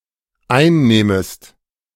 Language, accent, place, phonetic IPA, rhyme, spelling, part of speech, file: German, Germany, Berlin, [ˈaɪ̯nˌnɛːməst], -aɪ̯nnɛːməst, einnähmest, verb, De-einnähmest.ogg
- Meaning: second-person singular dependent subjunctive II of einnehmen